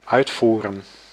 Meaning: 1. to execute, carry out; perform 2. to output 3. to export
- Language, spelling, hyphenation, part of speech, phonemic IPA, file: Dutch, uitvoeren, uit‧voe‧ren, verb, /ˈœy̯tˌvu.rə(n)/, Nl-uitvoeren.ogg